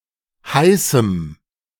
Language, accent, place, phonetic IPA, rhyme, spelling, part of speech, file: German, Germany, Berlin, [ˈhaɪ̯sm̩], -aɪ̯sm̩, heißem, adjective, De-heißem.ogg
- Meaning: strong dative masculine/neuter singular of heiß